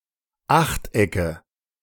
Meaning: nominative/accusative/genitive plural of Achteck
- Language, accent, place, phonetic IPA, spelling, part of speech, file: German, Germany, Berlin, [ˈaxtˌʔɛkə], Achtecke, noun, De-Achtecke.ogg